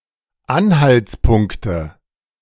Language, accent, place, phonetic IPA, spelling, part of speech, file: German, Germany, Berlin, [ˈanhalt͡sˌpʊŋktə], Anhaltspunkte, noun, De-Anhaltspunkte.ogg
- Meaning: nominative/accusative/genitive plural of Anhaltspunkt